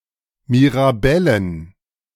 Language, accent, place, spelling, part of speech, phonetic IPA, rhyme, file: German, Germany, Berlin, Mirabellen, noun, [miʁaˈbɛlən], -ɛlən, De-Mirabellen.ogg
- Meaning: plural of Mirabelle "mirabelle plums"